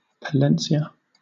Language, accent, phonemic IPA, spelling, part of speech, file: English, Southern England, /pəˈlɛnsiə/, Palencia, proper noun, LL-Q1860 (eng)-Palencia.wav
- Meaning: 1. A province in northern Castile and León, Spain 2. A city, the provincial capital of Palencia, Spain 3. A barangay of Tarangnan, Samar, Philippines